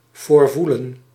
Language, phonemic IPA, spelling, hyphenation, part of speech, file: Dutch, /ˌvoːrˈvu.lə(n)/, voorvoelen, voor‧voe‧len, verb, Nl-voorvoelen.ogg
- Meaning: 1. to sense beforehand 2. to anticipate, expect